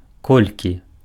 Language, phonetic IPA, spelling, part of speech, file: Belarusian, [ˈkolʲkʲi], колькі, adverb, Be-колькі.ogg
- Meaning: how much, how many (interrogative adverb)